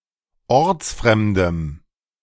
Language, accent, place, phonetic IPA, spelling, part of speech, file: German, Germany, Berlin, [ˈɔʁt͡sˌfʁɛmdəm], ortsfremdem, adjective, De-ortsfremdem.ogg
- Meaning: strong dative masculine/neuter singular of ortsfremd